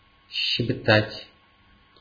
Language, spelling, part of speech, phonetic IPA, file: Russian, щебетать, verb, [ɕːɪbʲɪˈtatʲ], Ru-щебетать.ogg
- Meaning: 1. to twitter, to chirp 2. to chatter, to prattle